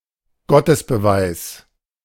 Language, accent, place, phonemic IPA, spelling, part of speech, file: German, Germany, Berlin, /ˈɡɔtəsbəˌvaɪ̯s/, Gottesbeweis, noun, De-Gottesbeweis.ogg
- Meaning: proof of the existence of God